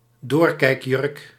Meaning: a see-through dress
- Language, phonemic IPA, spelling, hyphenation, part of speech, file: Dutch, /ˈdoːr.kɛi̯kˌjʏrk/, doorkijkjurk, door‧kijk‧jurk, noun, Nl-doorkijkjurk.ogg